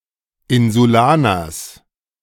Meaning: genitive singular of Insulaner
- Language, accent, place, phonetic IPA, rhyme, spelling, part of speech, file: German, Germany, Berlin, [ˌɪnzuˈlaːnɐs], -aːnɐs, Insulaners, noun, De-Insulaners.ogg